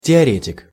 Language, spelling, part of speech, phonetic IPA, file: Russian, теоретик, noun, [tʲɪɐˈrʲetʲɪk], Ru-теоретик.ogg
- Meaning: theorist